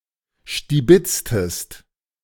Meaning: inflection of stibitzen: 1. second-person singular preterite 2. second-person singular subjunctive II
- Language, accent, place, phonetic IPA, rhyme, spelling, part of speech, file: German, Germany, Berlin, [ʃtiˈbɪt͡stəst], -ɪt͡stəst, stibitztest, verb, De-stibitztest.ogg